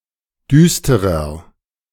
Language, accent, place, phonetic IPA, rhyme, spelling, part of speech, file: German, Germany, Berlin, [ˈdyːstəʁɐ], -yːstəʁɐ, düsterer, adjective, De-düsterer.ogg
- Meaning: 1. comparative degree of düster 2. inflection of düster: strong/mixed nominative masculine singular 3. inflection of düster: strong genitive/dative feminine singular